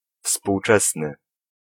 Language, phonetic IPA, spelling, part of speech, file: Polish, [fspuwˈt͡ʃɛsnɨ], współczesny, adjective, Pl-współczesny.ogg